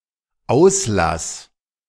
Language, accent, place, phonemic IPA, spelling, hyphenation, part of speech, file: German, Germany, Berlin, /ˈaʊ̯slas/, Auslass, Aus‧lass, noun, De-Auslass.ogg
- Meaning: outlet